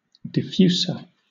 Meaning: comparative form of diffuse: more diffuse
- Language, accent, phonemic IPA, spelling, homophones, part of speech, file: English, Southern England, /dɪˈfjuːsə(ɹ)/, diffuser, defuser, adjective, LL-Q1860 (eng)-diffuser.wav